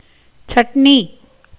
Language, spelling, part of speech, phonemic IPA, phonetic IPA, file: Tamil, சட்னி, noun, /tʃɐʈniː/, [sɐʈniː], Ta-சட்னி.ogg
- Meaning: chutney